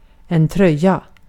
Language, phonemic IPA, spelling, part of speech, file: Swedish, /²trœja/, tröja, noun, Sv-tröja.ogg